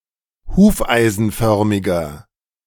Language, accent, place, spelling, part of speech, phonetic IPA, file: German, Germany, Berlin, hufeisenförmiger, adjective, [ˈhuːfʔaɪ̯zn̩ˌfœʁmɪɡɐ], De-hufeisenförmiger.ogg
- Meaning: inflection of hufeisenförmig: 1. strong/mixed nominative masculine singular 2. strong genitive/dative feminine singular 3. strong genitive plural